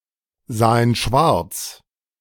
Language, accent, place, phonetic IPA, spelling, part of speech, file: German, Germany, Berlin, [ˌzaːən ˈʃvaʁt͡s], sahen schwarz, verb, De-sahen schwarz.ogg
- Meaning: first/third-person plural preterite of schwarzsehen